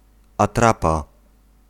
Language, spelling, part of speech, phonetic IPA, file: Polish, atrapa, noun, [aˈtrapa], Pl-atrapa.ogg